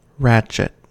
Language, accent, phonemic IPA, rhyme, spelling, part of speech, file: English, US, /ˈɹæt͡ʃɪt/, -ætʃɪt, ratchet, noun / verb / adjective, En-us-ratchet.ogg
- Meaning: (noun) 1. A pawl, click, or detent for holding or propelling a ratchet wheel, or ratch, etc 2. A mechanism composed of a ratchet wheel, or ratch and pawl 3. A ratchet wrench